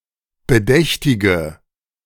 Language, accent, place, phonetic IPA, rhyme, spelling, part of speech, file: German, Germany, Berlin, [bəˈdɛçtɪɡə], -ɛçtɪɡə, bedächtige, adjective, De-bedächtige.ogg
- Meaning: inflection of bedächtig: 1. strong/mixed nominative/accusative feminine singular 2. strong nominative/accusative plural 3. weak nominative all-gender singular